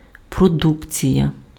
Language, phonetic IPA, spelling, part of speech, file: Ukrainian, [proˈdukt͡sʲijɐ], продукція, noun, Uk-продукція.ogg
- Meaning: 1. production 2. produce 3. output